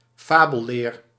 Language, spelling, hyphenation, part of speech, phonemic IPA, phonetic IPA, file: Dutch, fabelleer, fa‧bel‧leer, noun, /ˈfaː.bə(l)ˌleːr/, [ˈfaː.bə(ɫ)ˌlɪːr], Nl-fabelleer.ogg
- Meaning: mythology, folklore